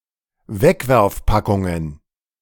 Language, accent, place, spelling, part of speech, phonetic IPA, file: German, Germany, Berlin, Wegwerfpackungen, noun, [ˈvɛkvɛʁfˌpakʊŋən], De-Wegwerfpackungen.ogg
- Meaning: plural of Wegwerfpackung